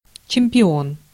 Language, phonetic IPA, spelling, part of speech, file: Russian, [t͡ɕɪm⁽ʲ⁾pʲɪˈon], чемпион, noun, Ru-чемпион.ogg
- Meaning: champion